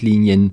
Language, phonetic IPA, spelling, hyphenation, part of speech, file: German, [ˈliːni̯ən], Linien, Li‧ni‧en, noun, De-Linien.ogg
- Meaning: plural of Linie